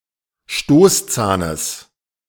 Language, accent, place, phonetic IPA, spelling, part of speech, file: German, Germany, Berlin, [ˈʃtoːsˌt͡saːnəs], Stoßzahnes, noun, De-Stoßzahnes.ogg
- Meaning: genitive singular of Stoßzahn